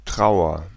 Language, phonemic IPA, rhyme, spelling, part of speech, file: German, /ˈtʁaʊ̯ɐ/, -aʊ̯ɐ, Trauer, noun / proper noun, De-Trauer.ogg
- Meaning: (noun) 1. grief, sorrow 2. mourning; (proper noun) a surname